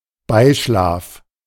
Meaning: sexual intercourse
- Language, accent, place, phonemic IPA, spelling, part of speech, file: German, Germany, Berlin, /ˈbaɪ̯ˌʃlaːf/, Beischlaf, noun, De-Beischlaf.ogg